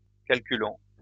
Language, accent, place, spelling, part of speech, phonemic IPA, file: French, France, Lyon, calculons, verb, /kal.ky.lɔ̃/, LL-Q150 (fra)-calculons.wav
- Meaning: inflection of calculer: 1. first-person plural present indicative 2. first-person plural imperative